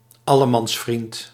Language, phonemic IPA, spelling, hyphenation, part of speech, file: Dutch, /ˈɑ.lə.mɑnsˌfrint/, allemansvriend, al‧le‧mans‧vriend, noun, Nl-allemansvriend.ogg
- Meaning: everyone's friend (person who is friendly to everyone or seeks to please people indiscriminately)